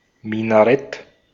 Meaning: minaret (mosque tower)
- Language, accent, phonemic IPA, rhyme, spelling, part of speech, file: German, Austria, /ˌmɪnaˈʁɛt/, -ɛt, Minarett, noun, De-at-Minarett.ogg